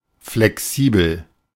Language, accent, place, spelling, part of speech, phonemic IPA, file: German, Germany, Berlin, flexibel, adjective, /flɛˈksiːbl̩/, De-flexibel.ogg
- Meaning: flexible (easily bent without breaking)